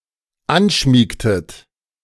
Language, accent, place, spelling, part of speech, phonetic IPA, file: German, Germany, Berlin, anschmiegtet, verb, [ˈanˌʃmiːktət], De-anschmiegtet.ogg
- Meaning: inflection of anschmiegen: 1. second-person plural dependent preterite 2. second-person plural dependent subjunctive II